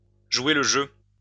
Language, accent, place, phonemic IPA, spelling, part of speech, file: French, France, Lyon, /ʒwe l(ə) ʒø/, jouer le jeu, verb, LL-Q150 (fra)-jouer le jeu.wav
- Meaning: 1. to play the game, to play by the rules, to observe the rules of the game 2. to play along, to go along, to play ball